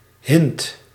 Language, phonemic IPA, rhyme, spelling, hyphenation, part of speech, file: Dutch, /ɦɪnt/, -ɪnt, hint, hint, noun / verb, Nl-hint.ogg
- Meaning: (noun) hint; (verb) inflection of hinten: 1. first/second/third-person singular present indicative 2. imperative